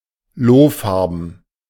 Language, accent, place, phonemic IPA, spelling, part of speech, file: German, Germany, Berlin, /ˈloːˌfaʁbn̩/, lohfarben, adjective, De-lohfarben.ogg
- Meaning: tan, tawny